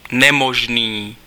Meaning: impossible
- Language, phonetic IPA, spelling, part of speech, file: Czech, [ˈnɛmoʒniː], nemožný, adjective, Cs-nemožný.ogg